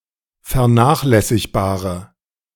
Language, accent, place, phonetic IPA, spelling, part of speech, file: German, Germany, Berlin, [fɛɐ̯ˈnaːxlɛsɪçbaːʁə], vernachlässigbare, adjective, De-vernachlässigbare.ogg
- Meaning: inflection of vernachlässigbar: 1. strong/mixed nominative/accusative feminine singular 2. strong nominative/accusative plural 3. weak nominative all-gender singular